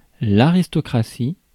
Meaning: aristocracy
- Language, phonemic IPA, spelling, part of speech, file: French, /a.ʁis.tɔ.kʁa.si/, aristocratie, noun, Fr-aristocratie.ogg